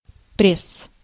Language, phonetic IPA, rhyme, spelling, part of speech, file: Russian, [prʲes], -es, пресс, noun, Ru-пресс.ogg
- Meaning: 1. press (device used to apply pressure) 2. abdominal muscles, abs, prelum, prelum abdominale 3. genitive plural of пре́сса (préssa)